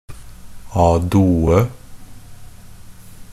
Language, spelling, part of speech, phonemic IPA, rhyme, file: Norwegian Bokmål, a due, adverb, /ˈɑːduːə/, -uːə, NB - Pronunciation of Norwegian Bokmål «a due».ogg
- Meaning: 1. a due (indicating both musicians or sections play together) 2. in an orchestral score, indication of two instruments (group) which are to play the same voice (eg 1st and 2nd violin)